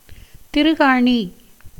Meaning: 1. screw (fastener) 2. pinlike part (in an ear stud, nose ornament, etc.)
- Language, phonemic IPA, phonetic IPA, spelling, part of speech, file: Tamil, /t̪ɪɾʊɡɑːɳiː/, [t̪ɪɾʊɡäːɳiː], திருகாணி, noun, Ta-திருகாணி.ogg